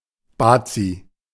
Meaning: 1. a clever or mischievous boy 2. a Bavarian
- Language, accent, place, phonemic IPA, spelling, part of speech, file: German, Germany, Berlin, /ˈbaːtsi/, Bazi, noun, De-Bazi.ogg